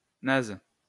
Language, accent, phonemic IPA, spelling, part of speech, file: French, France, /naz/, naze, adjective / noun, LL-Q150 (fra)-naze.wav
- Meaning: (adjective) 1. worthless; useless; lame 2. knackered; beat; exhausted; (noun) loser, moron